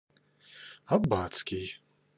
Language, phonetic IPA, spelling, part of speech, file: Russian, [ɐˈb(ː)at͡skʲɪj], аббатский, adjective, Ru-аббатский.ogg
- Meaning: 1. abbot, priest 2. abbey